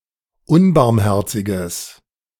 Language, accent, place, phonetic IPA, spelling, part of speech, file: German, Germany, Berlin, [ˈʊnbaʁmˌhɛʁt͡sɪɡəs], unbarmherziges, adjective, De-unbarmherziges.ogg
- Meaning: strong/mixed nominative/accusative neuter singular of unbarmherzig